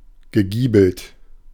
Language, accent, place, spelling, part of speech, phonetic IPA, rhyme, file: German, Germany, Berlin, gegiebelt, adjective, [ɡəˈɡiːbl̩t], -iːbl̩t, De-gegiebelt.ogg
- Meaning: gabled (having gables)